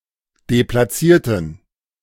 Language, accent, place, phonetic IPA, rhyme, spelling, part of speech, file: German, Germany, Berlin, [deplaˈt͡siːɐ̯tn̩], -iːɐ̯tn̩, deplatzierten, adjective, De-deplatzierten.ogg
- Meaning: inflection of deplatziert: 1. strong genitive masculine/neuter singular 2. weak/mixed genitive/dative all-gender singular 3. strong/weak/mixed accusative masculine singular 4. strong dative plural